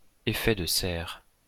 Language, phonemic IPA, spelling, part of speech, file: French, /e.fɛ d(ə) sɛʁ/, effet de serre, noun, LL-Q150 (fra)-effet de serre.wav
- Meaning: greenhouse effect (process by which a planet is warmed by its atmosphere)